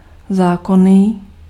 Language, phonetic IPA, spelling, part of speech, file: Czech, [ˈzaːkoniː], zákonný, adjective, Cs-zákonný.ogg
- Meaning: legal